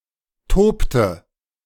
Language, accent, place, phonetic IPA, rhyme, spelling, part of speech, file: German, Germany, Berlin, [ˈtoːptə], -oːptə, tobte, verb, De-tobte.ogg
- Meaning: inflection of toben: 1. first/third-person singular preterite 2. first/third-person singular subjunctive II